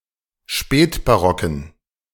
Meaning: inflection of spätbarock: 1. strong genitive masculine/neuter singular 2. weak/mixed genitive/dative all-gender singular 3. strong/weak/mixed accusative masculine singular 4. strong dative plural
- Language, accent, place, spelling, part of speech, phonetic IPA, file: German, Germany, Berlin, spätbarocken, adjective, [ˈʃpɛːtbaˌʁɔkn̩], De-spätbarocken.ogg